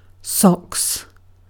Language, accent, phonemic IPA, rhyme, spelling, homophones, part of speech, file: English, UK, /sɒks/, -ɒks, socks, Sox / sox, noun / verb, En-uk-socks.ogg
- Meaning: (noun) plural of sock; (verb) third-person singular simple present indicative of sock